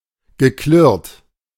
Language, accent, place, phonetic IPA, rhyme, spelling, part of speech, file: German, Germany, Berlin, [ɡəˈklɪʁt], -ɪʁt, geklirrt, verb, De-geklirrt.ogg
- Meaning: past participle of klirren